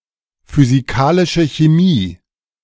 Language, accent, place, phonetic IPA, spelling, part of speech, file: German, Germany, Berlin, [fyziˈkaːlɪʃə çeˈmiː], physikalische Chemie, phrase, De-physikalische Chemie.ogg
- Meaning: physical chemistry